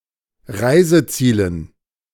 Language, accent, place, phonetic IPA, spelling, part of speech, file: German, Germany, Berlin, [ˈʁaɪ̯zəˌt͡siːlən], Reisezielen, noun, De-Reisezielen.ogg
- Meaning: dative plural of Reiseziel